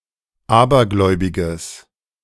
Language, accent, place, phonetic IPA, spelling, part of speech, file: German, Germany, Berlin, [ˈaːbɐˌɡlɔɪ̯bɪɡəs], abergläubiges, adjective, De-abergläubiges.ogg
- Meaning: strong/mixed nominative/accusative neuter singular of abergläubig